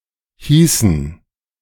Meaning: inflection of heißen: 1. first/third-person plural preterite 2. first/third-person plural subjunctive II
- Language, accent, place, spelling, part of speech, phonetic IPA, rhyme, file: German, Germany, Berlin, hießen, verb, [ˈhiːsn̩], -iːsn̩, De-hießen.ogg